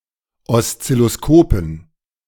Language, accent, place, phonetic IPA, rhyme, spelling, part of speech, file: German, Germany, Berlin, [ɔst͡sɪloˈskoːpn̩], -oːpn̩, Oszilloskopen, noun, De-Oszilloskopen.ogg
- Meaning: dative plural of Oszilloskop